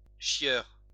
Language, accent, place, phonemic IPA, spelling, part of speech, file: French, France, Lyon, /ʃjœʁ/, chieur, noun, LL-Q150 (fra)-chieur.wav
- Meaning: a pain in the arse (person who is irritating)